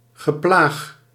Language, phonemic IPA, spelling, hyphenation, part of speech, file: Dutch, /ɣəˈplax/, geplaag, ge‧plaag, noun, Nl-geplaag.ogg
- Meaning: teasing